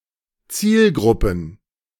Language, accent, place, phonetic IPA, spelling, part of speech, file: German, Germany, Berlin, [ˈt͡siːlˌɡʁʊpən], Zielgruppen, noun, De-Zielgruppen.ogg
- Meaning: plural of Zielgruppe